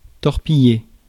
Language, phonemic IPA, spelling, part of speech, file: French, /tɔʁ.pi.je/, torpiller, verb, Fr-torpiller.ogg
- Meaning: to torpedo (attack with a torpedo)